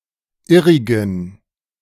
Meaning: inflection of irrig: 1. strong genitive masculine/neuter singular 2. weak/mixed genitive/dative all-gender singular 3. strong/weak/mixed accusative masculine singular 4. strong dative plural
- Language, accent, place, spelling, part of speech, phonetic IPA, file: German, Germany, Berlin, irrigen, adjective, [ˈɪʁɪɡn̩], De-irrigen.ogg